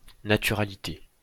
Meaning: naturality, naturalness
- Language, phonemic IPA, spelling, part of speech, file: French, /na.ty.ʁa.li.te/, naturalité, noun, LL-Q150 (fra)-naturalité.wav